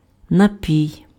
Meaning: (noun) beverage; drink; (verb) second-person singular imperative of напої́ти pf (napojíty)
- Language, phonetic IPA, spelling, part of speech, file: Ukrainian, [nɐˈpʲii̯], напій, noun / verb, Uk-напій.ogg